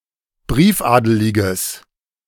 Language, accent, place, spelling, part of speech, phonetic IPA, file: German, Germany, Berlin, briefadeliges, adjective, [ˈbʁiːfˌʔaːdəlɪɡəs], De-briefadeliges.ogg
- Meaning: strong/mixed nominative/accusative neuter singular of briefadelig